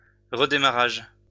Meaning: 1. restart, restarting 2. resurgence
- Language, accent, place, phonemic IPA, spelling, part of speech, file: French, France, Lyon, /ʁə.de.ma.ʁaʒ/, redémarrage, noun, LL-Q150 (fra)-redémarrage.wav